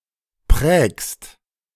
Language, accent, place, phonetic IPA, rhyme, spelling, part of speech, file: German, Germany, Berlin, [pʁɛːkst], -ɛːkst, prägst, verb, De-prägst.ogg
- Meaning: second-person singular present of prägen